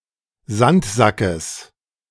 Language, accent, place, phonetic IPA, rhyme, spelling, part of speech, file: German, Germany, Berlin, [ˈzantˌzakəs], -antzakəs, Sandsackes, noun, De-Sandsackes.ogg
- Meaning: genitive singular of Sandsack